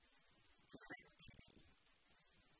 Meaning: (proper noun) 1. God (as being unborn) 2. Shiva; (noun) one without siblings, a siblingless person
- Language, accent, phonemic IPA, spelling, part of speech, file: Tamil, India, /pɪrɐpːɪliː/, பிறப்பிலி, proper noun / noun, Ta-பிறப்பிலி.ogg